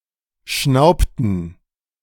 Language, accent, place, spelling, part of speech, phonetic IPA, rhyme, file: German, Germany, Berlin, schnaubten, verb, [ˈʃnaʊ̯ptn̩], -aʊ̯ptn̩, De-schnaubten.ogg
- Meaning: inflection of schnauben: 1. first/third-person plural preterite 2. first/third-person plural subjunctive II